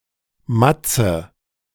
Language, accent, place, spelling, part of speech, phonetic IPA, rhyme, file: German, Germany, Berlin, Mazze, noun, [ˈmat͡sə], -at͡sə, De-Mazze.ogg
- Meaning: alternative spelling of Matze